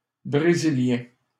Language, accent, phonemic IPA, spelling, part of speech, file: French, Canada, /bʁe.zi.ljɛ̃/, Brésilien, noun, LL-Q150 (fra)-Brésilien.wav
- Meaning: a Brazilian